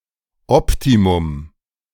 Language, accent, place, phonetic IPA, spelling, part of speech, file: German, Germany, Berlin, [ˈɔptimʊm], Optimum, noun, De-Optimum.ogg
- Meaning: optimum